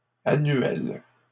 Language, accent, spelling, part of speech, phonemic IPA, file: French, Canada, annuelles, adjective, /a.nɥɛl/, LL-Q150 (fra)-annuelles.wav
- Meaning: feminine plural of annuel